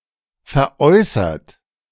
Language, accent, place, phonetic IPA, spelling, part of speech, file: German, Germany, Berlin, [fɛɐ̯ˈʔɔɪ̯sɐt], veräußert, verb, De-veräußert.ogg
- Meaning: past participle of veräußern